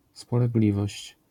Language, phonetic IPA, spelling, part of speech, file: Polish, [ˌspɔlɛɡˈlʲivɔɕt͡ɕ], spolegliwość, noun, LL-Q809 (pol)-spolegliwość.wav